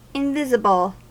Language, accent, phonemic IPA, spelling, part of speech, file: English, US, /ɪnˈvɪzəb(ə)l/, invisible, adjective / verb / noun, En-us-invisible.ogg
- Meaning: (adjective) 1. Unable to be seen; out of sight; not visible 2. Not appearing on the surface 3. Apparently, but not actually, offline 4. That is ignored by a person